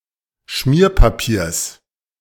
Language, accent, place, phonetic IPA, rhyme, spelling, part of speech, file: German, Germany, Berlin, [ˈʃmiːɐ̯paˌpiːɐ̯s], -iːɐ̯papiːɐ̯s, Schmierpapiers, noun, De-Schmierpapiers.ogg
- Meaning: genitive singular of Schmierpapier